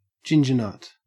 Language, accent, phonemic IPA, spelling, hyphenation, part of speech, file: English, Australia, /ˈd͡ʒɪnd͡ʒəɹnət/, gingernut, gin‧ger‧nut, noun, En-au-gingernut.ogg
- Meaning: 1. A hard biscuit, flavoured with powdered ginger, often dunked in tea 2. A redhead; a ginger-haired person